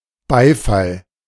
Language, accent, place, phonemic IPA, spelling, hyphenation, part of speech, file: German, Germany, Berlin, /ˈbaɪ̯fal/, Beifall, Bei‧fall, noun, De-Beifall.ogg
- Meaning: applause